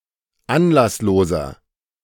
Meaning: inflection of anlasslos: 1. strong/mixed nominative masculine singular 2. strong genitive/dative feminine singular 3. strong genitive plural
- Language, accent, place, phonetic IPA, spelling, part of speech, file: German, Germany, Berlin, [ˈanlasˌloːzɐ], anlassloser, adjective, De-anlassloser.ogg